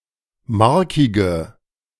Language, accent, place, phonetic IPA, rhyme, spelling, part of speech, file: German, Germany, Berlin, [ˈmaʁkɪɡə], -aʁkɪɡə, markige, adjective, De-markige.ogg
- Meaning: inflection of markig: 1. strong/mixed nominative/accusative feminine singular 2. strong nominative/accusative plural 3. weak nominative all-gender singular 4. weak accusative feminine/neuter singular